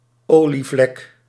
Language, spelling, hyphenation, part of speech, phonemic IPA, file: Dutch, olievlek, olie‧vlek, noun, /ˈoː.liˌvlɛk/, Nl-olievlek.ogg
- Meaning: oil slick